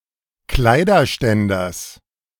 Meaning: genitive singular of Kleiderständer
- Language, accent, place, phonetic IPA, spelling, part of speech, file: German, Germany, Berlin, [ˈklaɪ̯dɐˌʃtɛndɐs], Kleiderständers, noun, De-Kleiderständers.ogg